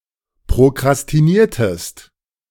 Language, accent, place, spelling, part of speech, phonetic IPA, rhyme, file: German, Germany, Berlin, prokrastiniertest, verb, [pʁokʁastiˈniːɐ̯təst], -iːɐ̯təst, De-prokrastiniertest.ogg
- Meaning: inflection of prokrastinieren: 1. second-person singular preterite 2. second-person singular subjunctive II